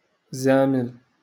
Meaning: 1. fag, faggot (male homosexual) 2. effeminate homosexual man
- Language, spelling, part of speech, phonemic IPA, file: Moroccan Arabic, زامل, noun, /zaː.mil/, LL-Q56426 (ary)-زامل.wav